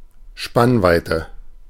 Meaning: 1. wingspan, span (distance between the tips of the wings of an insect, bird or craft) 2. span (distance a bridge covers) 3. span (distance between two things or ideas)
- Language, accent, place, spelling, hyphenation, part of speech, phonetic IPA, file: German, Germany, Berlin, Spannweite, Spann‧wei‧te, noun, [ˈʃpanvaɪ̯tə], De-Spannweite.ogg